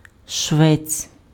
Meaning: shoemaker, cobbler
- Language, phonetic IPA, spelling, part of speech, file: Ukrainian, [ʃʋɛt͡sʲ], швець, noun, Uk-швець.ogg